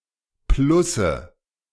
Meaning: nominative/accusative/genitive plural of Plus
- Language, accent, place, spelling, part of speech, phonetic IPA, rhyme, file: German, Germany, Berlin, Plusse, noun, [ˈplʊsə], -ʊsə, De-Plusse.ogg